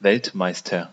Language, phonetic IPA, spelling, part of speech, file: German, [ˈvɛltˌmaɪ̯stɐ], Weltmeister, noun, De-Weltmeister.ogg
- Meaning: world champion